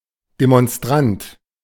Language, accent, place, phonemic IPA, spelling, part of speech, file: German, Germany, Berlin, /demɔnˈstʁant/, Demonstrant, noun, De-Demonstrant.ogg
- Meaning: demonstrator, protester (male or of unspecified gender)